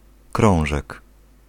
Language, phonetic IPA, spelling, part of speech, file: Polish, [ˈkrɔ̃w̃ʒɛk], krążek, noun, Pl-krążek.ogg